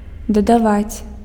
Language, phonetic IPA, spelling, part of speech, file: Belarusian, [dadaˈvat͡sʲ], дадаваць, verb, Be-дадаваць.ogg
- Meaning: to add